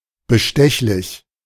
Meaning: bribable, open to bribery, corruptible
- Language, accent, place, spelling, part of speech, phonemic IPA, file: German, Germany, Berlin, bestechlich, adjective, /bəˈʃtɛçlɪç/, De-bestechlich.ogg